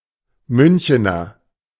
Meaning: alternative form of Münchner
- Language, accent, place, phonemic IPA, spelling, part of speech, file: German, Germany, Berlin, /ˈmʏnçənɐ/, Münchener, noun, De-Münchener.ogg